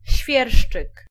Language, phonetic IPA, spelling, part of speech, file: Polish, [ˈɕfʲjɛrʃt͡ʃɨk], świerszczyk, noun, Pl-świerszczyk.ogg